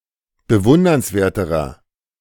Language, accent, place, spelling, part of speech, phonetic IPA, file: German, Germany, Berlin, bewundernswerterer, adjective, [bəˈvʊndɐnsˌveːɐ̯təʁɐ], De-bewundernswerterer.ogg
- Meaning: inflection of bewundernswert: 1. strong/mixed nominative masculine singular comparative degree 2. strong genitive/dative feminine singular comparative degree